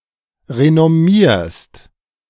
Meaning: second-person singular present of renommieren
- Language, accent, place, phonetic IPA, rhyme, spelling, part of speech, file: German, Germany, Berlin, [ʁenɔˈmiːɐ̯st], -iːɐ̯st, renommierst, verb, De-renommierst.ogg